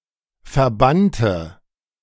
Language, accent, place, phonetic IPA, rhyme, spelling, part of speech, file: German, Germany, Berlin, [fɛɐ̯ˈbantə], -antə, verbannte, adjective / verb, De-verbannte.ogg
- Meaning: inflection of verbannen: 1. first/third-person singular preterite 2. first/third-person singular subjunctive II